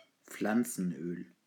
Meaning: vegetable oil
- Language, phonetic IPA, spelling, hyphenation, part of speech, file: German, [ˈp͡flant͡sn̩ˌʔøːl], Pflanzenöl, Pflan‧zen‧öl, noun, De-Pflanzenöl.ogg